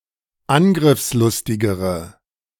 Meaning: inflection of angriffslustig: 1. strong/mixed nominative/accusative feminine singular comparative degree 2. strong nominative/accusative plural comparative degree
- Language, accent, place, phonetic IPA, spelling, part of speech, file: German, Germany, Berlin, [ˈanɡʁɪfsˌlʊstɪɡəʁə], angriffslustigere, adjective, De-angriffslustigere.ogg